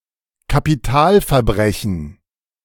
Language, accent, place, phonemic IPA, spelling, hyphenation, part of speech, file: German, Germany, Berlin, /kapiˈtaːlfɛɐ̯ˌbʁɛçn̩/, Kapitalverbrechen, Ka‧pi‧tal‧ver‧bre‧chen, noun, De-Kapitalverbrechen.ogg
- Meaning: capital crime